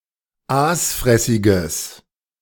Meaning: strong/mixed nominative/accusative neuter singular of aasfressig
- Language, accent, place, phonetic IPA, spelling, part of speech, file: German, Germany, Berlin, [ˈaːsˌfʁɛsɪɡəs], aasfressiges, adjective, De-aasfressiges.ogg